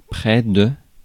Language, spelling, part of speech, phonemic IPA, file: French, près, adverb / preposition, /pʁɛ/, Fr-près.ogg
- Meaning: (adverb) near (a time or a place); close (to a time or a place); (preposition) attached to, connects a person or an organisation delegated officially to a setting